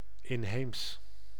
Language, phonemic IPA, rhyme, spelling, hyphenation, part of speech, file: Dutch, /ɪnˈɦeːms/, -eːms, inheems, in‧heems, adjective, Nl-inheems.ogg
- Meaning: native, indigenous, domestic, autochthonous